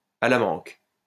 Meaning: 1. maimed (obsolete) 2. failed, lousy (of a person, used since 1847)
- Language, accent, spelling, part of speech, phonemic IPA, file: French, France, à la manque, adjective, /a la mɑ̃k/, LL-Q150 (fra)-à la manque.wav